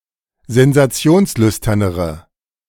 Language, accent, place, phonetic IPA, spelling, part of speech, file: German, Germany, Berlin, [zɛnzaˈt͡si̯oːnsˌlʏstɐnəʁə], sensationslüsternere, adjective, De-sensationslüsternere.ogg
- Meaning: inflection of sensationslüstern: 1. strong/mixed nominative/accusative feminine singular comparative degree 2. strong nominative/accusative plural comparative degree